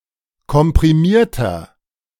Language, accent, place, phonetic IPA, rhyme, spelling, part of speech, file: German, Germany, Berlin, [kɔmpʁiˈmiːɐ̯tɐ], -iːɐ̯tɐ, komprimierter, adjective, De-komprimierter.ogg
- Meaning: inflection of komprimiert: 1. strong/mixed nominative masculine singular 2. strong genitive/dative feminine singular 3. strong genitive plural